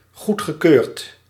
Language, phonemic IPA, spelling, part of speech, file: Dutch, /ˈɣutxəˌkørt/, goedgekeurd, verb / adjective, Nl-goedgekeurd.ogg
- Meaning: past participle of goedkeuren